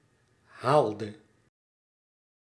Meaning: inflection of halen: 1. singular past indicative 2. singular past subjunctive
- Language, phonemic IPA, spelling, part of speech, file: Dutch, /ˈhaɫdə/, haalde, verb, Nl-haalde.ogg